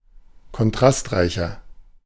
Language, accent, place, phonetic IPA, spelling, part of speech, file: German, Germany, Berlin, [kɔnˈtʁastˌʁaɪ̯çɐ], kontrastreicher, adjective, De-kontrastreicher.ogg
- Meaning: 1. comparative degree of kontrastreich 2. inflection of kontrastreich: strong/mixed nominative masculine singular 3. inflection of kontrastreich: strong genitive/dative feminine singular